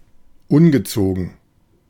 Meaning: naughty
- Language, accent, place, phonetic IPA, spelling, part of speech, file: German, Germany, Berlin, [ˈʊnɡəˌt͡soːɡn̩], ungezogen, adjective, De-ungezogen.ogg